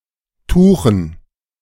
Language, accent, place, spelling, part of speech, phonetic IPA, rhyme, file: German, Germany, Berlin, Tuchen, noun, [ˈtuːxn̩], -uːxn̩, De-Tuchen.ogg
- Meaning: dative plural of Tuch